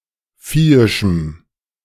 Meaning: strong dative masculine/neuter singular of viehisch
- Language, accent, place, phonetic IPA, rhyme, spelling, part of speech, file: German, Germany, Berlin, [ˈfiːɪʃm̩], -iːɪʃm̩, viehischem, adjective, De-viehischem.ogg